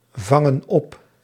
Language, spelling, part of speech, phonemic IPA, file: Dutch, vangen op, verb, /ˈvɑŋə(n) ˈɔp/, Nl-vangen op.ogg
- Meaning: inflection of opvangen: 1. plural present indicative 2. plural present subjunctive